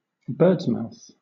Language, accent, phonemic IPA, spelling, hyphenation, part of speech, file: English, Southern England, /ˈbɜːdsmaʊθ/, birdsmouth, birds‧mouth, noun / verb, LL-Q1860 (eng)-birdsmouth.wav
- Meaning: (noun) A notch cut into the underside of a rafter to ensure that it does not move when resting on the wall plate running across the top of a wall; a similar notch in other timber components